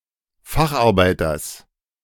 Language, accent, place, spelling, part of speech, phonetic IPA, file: German, Germany, Berlin, Facharbeiters, noun, [ˈfaxʔaʁˌbaɪ̯tɐs], De-Facharbeiters.ogg
- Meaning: genitive singular of Facharbeiter